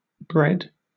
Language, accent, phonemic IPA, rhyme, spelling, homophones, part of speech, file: English, Southern England, /bɹɛd/, -ɛd, bred, bread, verb / noun, LL-Q1860 (eng)-bred.wav
- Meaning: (verb) simple past and past participle of breed; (noun) Alternative form of braid (“board, shelf, plank”)